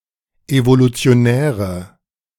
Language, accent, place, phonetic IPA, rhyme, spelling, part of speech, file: German, Germany, Berlin, [ˌevolut͡si̯oˈnɛːʁə], -ɛːʁə, evolutionäre, adjective, De-evolutionäre.ogg
- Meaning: inflection of evolutionär: 1. strong/mixed nominative/accusative feminine singular 2. strong nominative/accusative plural 3. weak nominative all-gender singular